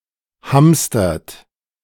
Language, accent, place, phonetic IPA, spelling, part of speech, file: German, Germany, Berlin, [ˈhamstɐt], hamstert, verb, De-hamstert.ogg
- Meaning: inflection of hamstern: 1. third-person singular present 2. second-person plural present 3. plural imperative